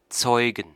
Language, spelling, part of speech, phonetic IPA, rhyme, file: German, Zeugen, noun, [ˈt͡sɔɪ̯ɡn̩], -ɔɪ̯ɡn̩, De-Zeugen.ogg
- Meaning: 1. genitive singular of Zeuge 2. accusative singular of Zeuge 3. plural of Zeuge 4. gerund of zeugen